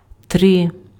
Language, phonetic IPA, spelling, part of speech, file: Ukrainian, [trɪ], три, numeral, Uk-три.ogg
- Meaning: three (3)